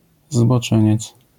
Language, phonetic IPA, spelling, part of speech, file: Polish, [zbɔˈt͡ʃɛ̃ɲɛt͡s], zboczeniec, noun, LL-Q809 (pol)-zboczeniec.wav